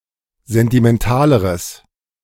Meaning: strong/mixed nominative/accusative neuter singular comparative degree of sentimental
- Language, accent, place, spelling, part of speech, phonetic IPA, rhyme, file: German, Germany, Berlin, sentimentaleres, adjective, [ˌzɛntimɛnˈtaːləʁəs], -aːləʁəs, De-sentimentaleres.ogg